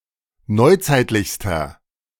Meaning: inflection of neuzeitlich: 1. strong/mixed nominative masculine singular superlative degree 2. strong genitive/dative feminine singular superlative degree 3. strong genitive plural superlative degree
- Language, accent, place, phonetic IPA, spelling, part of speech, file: German, Germany, Berlin, [ˈnɔɪ̯ˌt͡saɪ̯tlɪçstɐ], neuzeitlichster, adjective, De-neuzeitlichster.ogg